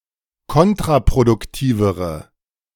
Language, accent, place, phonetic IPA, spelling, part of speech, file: German, Germany, Berlin, [ˈkɔntʁapʁodʊkˌtiːvəʁə], kontraproduktivere, adjective, De-kontraproduktivere.ogg
- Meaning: inflection of kontraproduktiv: 1. strong/mixed nominative/accusative feminine singular comparative degree 2. strong nominative/accusative plural comparative degree